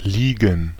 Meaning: 1. to lie (to be in a horizontal position) 2. to lie (to be in a horizontal position): to lie down
- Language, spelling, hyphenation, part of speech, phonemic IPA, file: German, liegen, lie‧gen, verb, /ˈliːɡən/, De-liegen.ogg